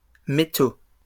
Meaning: plural of métal
- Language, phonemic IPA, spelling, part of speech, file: French, /me.to/, métaux, noun, LL-Q150 (fra)-métaux.wav